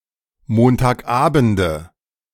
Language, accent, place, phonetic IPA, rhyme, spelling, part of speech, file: German, Germany, Berlin, [ˌmoːntaːkˈʔaːbn̩də], -aːbn̩də, Montagabende, noun, De-Montagabende.ogg
- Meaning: nominative/accusative/genitive plural of Montagabend